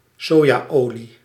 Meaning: soybean oil
- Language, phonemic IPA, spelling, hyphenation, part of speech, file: Dutch, /ˈsoː.jaːˌoː.li/, sojaolie, so‧ja‧olie, noun, Nl-sojaolie.ogg